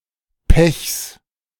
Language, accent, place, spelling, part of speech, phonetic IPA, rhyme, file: German, Germany, Berlin, Pechs, noun, [pɛçs], -ɛçs, De-Pechs.ogg
- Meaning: genitive singular of Pech